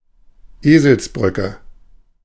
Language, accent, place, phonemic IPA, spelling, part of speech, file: German, Germany, Berlin, /ˈeːzəlsˌbrʏkə/, Eselsbrücke, noun, De-Eselsbrücke.ogg
- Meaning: mnemonic (a mental technique to remember something, e.g. a sentence)